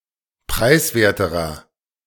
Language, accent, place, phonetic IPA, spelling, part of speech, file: German, Germany, Berlin, [ˈpʁaɪ̯sˌveːɐ̯təʁɐ], preiswerterer, adjective, De-preiswerterer.ogg
- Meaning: inflection of preiswert: 1. strong/mixed nominative masculine singular comparative degree 2. strong genitive/dative feminine singular comparative degree 3. strong genitive plural comparative degree